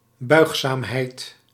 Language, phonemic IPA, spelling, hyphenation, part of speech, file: Dutch, /ˈbœy̯x.saːmˌɦɛi̯t/, buigzaamheid, buig‧zaam‧heid, noun, Nl-buigzaamheid.ogg
- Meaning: flexibility, the quality to bend easily